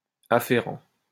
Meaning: 1. relative, pertaining 2. afferent, carrying
- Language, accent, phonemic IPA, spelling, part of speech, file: French, France, /a.fe.ʁɑ̃/, afférent, adjective, LL-Q150 (fra)-afférent.wav